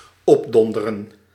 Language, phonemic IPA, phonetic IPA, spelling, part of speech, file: Dutch, /ˈɔpˌdɔn.də.rə(n)/, [ˈɔbˌdɔn.də.rə(n)], opdonderen, verb, Nl-opdonderen.ogg
- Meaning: to get lost, beat it